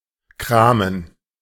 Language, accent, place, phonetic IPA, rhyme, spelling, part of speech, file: German, Germany, Berlin, [ˈkʁaːmən], -aːmən, kramen, verb, De-kramen.ogg
- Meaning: 1. to rummage around 2. to do a bit of shopping